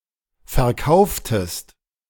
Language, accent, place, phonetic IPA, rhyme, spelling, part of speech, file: German, Germany, Berlin, [fɛɐ̯ˈkaʊ̯ftəst], -aʊ̯ftəst, verkauftest, verb, De-verkauftest.ogg
- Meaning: inflection of verkaufen: 1. second-person singular preterite 2. second-person singular subjunctive II